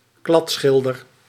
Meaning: 1. a bad painter 2. a painter specialised in painting houses and objects (including decorative painting)
- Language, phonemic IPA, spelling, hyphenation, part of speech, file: Dutch, /ˈklɑtˌsxɪl.dər/, kladschilder, klad‧schil‧der, noun, Nl-kladschilder.ogg